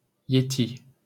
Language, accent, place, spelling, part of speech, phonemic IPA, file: French, France, Paris, yéti, noun, /je.ti/, LL-Q150 (fra)-yéti.wav
- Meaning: yeti